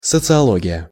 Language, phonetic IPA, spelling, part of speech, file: Russian, [sət͡sɨɐˈɫoɡʲɪjə], социология, noun, Ru-социология.ogg
- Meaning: sociology (study of society, human social interactions, etc.)